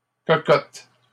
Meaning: plural of cocotte
- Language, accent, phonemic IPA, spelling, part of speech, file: French, Canada, /kɔ.kɔt/, cocottes, noun, LL-Q150 (fra)-cocottes.wav